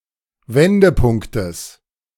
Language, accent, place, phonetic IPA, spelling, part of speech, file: German, Germany, Berlin, [ˈvɛndəˌpʊŋktəs], Wendepunktes, noun, De-Wendepunktes.ogg
- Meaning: genitive singular of Wendepunkt